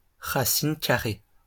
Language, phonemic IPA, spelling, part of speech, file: French, /ʁa.sin ka.ʁe/, racine carrée, noun, LL-Q150 (fra)-racine carrée.wav
- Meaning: square root